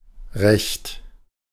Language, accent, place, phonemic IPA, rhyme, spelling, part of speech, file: German, Germany, Berlin, /ʁɛçt/, -ɛçt, Recht, noun, De-Recht.ogg
- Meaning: 1. right, privilege 2. title, claim 3. law (the entirety of legal regulations set in a code of law)